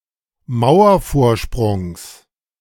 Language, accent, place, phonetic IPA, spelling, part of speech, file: German, Germany, Berlin, [ˈmaʊ̯ɐfoːɐ̯ˌʃpʁʊŋs], Mauervorsprungs, noun, De-Mauervorsprungs.ogg
- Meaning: genitive of Mauervorsprung